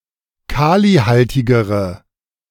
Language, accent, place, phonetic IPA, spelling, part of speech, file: German, Germany, Berlin, [ˈkaːliˌhaltɪɡəʁə], kalihaltigere, adjective, De-kalihaltigere.ogg
- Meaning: inflection of kalihaltig: 1. strong/mixed nominative/accusative feminine singular comparative degree 2. strong nominative/accusative plural comparative degree